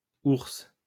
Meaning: plural of ourse
- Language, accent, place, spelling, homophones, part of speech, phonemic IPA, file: French, France, Lyon, ourses, ourse / ours, noun, /uʁs/, LL-Q150 (fra)-ourses.wav